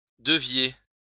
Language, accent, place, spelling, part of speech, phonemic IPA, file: French, France, Lyon, deviez, verb, /də.vje/, LL-Q150 (fra)-deviez.wav
- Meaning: inflection of devoir: 1. second-person plural present subjunctive 2. second-person plural imperfect indicative